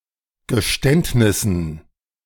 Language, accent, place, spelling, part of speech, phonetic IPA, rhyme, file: German, Germany, Berlin, Geständnissen, noun, [ɡəˈʃtɛntnɪsn̩], -ɛntnɪsn̩, De-Geständnissen.ogg
- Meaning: dative plural of Geständnis